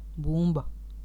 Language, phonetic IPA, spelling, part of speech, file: Latvian, [būmba], bumba, noun, Lv-bumba.ogg
- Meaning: 1. ball (globe of flexible material, for playing, for sports, for gymnastics) 2. ball (round or spherical object) 3. bomb (metal shell filled with explosives)